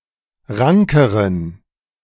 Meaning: inflection of rank: 1. strong genitive masculine/neuter singular comparative degree 2. weak/mixed genitive/dative all-gender singular comparative degree
- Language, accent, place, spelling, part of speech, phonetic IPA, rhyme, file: German, Germany, Berlin, rankeren, adjective, [ˈʁaŋkəʁən], -aŋkəʁən, De-rankeren.ogg